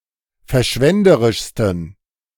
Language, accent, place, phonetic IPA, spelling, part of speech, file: German, Germany, Berlin, [fɛɐ̯ˈʃvɛndəʁɪʃstn̩], verschwenderischsten, adjective, De-verschwenderischsten.ogg
- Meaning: 1. superlative degree of verschwenderisch 2. inflection of verschwenderisch: strong genitive masculine/neuter singular superlative degree